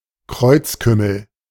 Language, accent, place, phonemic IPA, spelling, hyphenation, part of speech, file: German, Germany, Berlin, /ˈkʁɔɪ̯t͡sˌkʏml̩/, Kreuzkümmel, Kreuz‧küm‧mel, noun, De-Kreuzkümmel.ogg
- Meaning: cumin